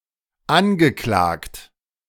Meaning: past participle of anklagen
- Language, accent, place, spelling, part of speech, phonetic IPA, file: German, Germany, Berlin, angeklagt, verb, [ˈanɡəˌklaːkt], De-angeklagt.ogg